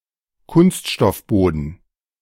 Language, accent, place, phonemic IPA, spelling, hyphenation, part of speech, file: German, Germany, Berlin, /ˈkʊnstʃtɔfˌboːdn̩/, Kunststoffboden, Kunst‧stoff‧bo‧den, noun, De-Kunststoffboden.ogg
- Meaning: plastic flooring